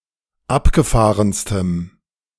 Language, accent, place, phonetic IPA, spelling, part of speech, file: German, Germany, Berlin, [ˈapɡəˌfaːʁənstəm], abgefahrenstem, adjective, De-abgefahrenstem.ogg
- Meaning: strong dative masculine/neuter singular superlative degree of abgefahren